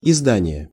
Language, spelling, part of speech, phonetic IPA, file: Russian, издание, noun, [ɪzˈdanʲɪje], Ru-издание.ogg
- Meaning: 1. publication 2. issue 3. promulgation 4. edition